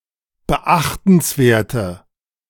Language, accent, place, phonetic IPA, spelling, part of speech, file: German, Germany, Berlin, [bəˈʔaxtn̩sˌveːɐ̯tə], beachtenswerte, adjective, De-beachtenswerte.ogg
- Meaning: inflection of beachtenswert: 1. strong/mixed nominative/accusative feminine singular 2. strong nominative/accusative plural 3. weak nominative all-gender singular